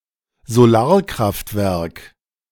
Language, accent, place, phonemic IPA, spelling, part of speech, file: German, Germany, Berlin, /zoˈlaːɐ̯kʁaftvɛʁk/, Solarkraftwerk, noun, De-Solarkraftwerk.ogg
- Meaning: solar power station